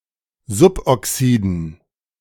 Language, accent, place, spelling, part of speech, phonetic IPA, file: German, Germany, Berlin, Suboxiden, noun, [ˈzʊpʔɔˌksiːdn̩], De-Suboxiden.ogg
- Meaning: dative plural of Suboxid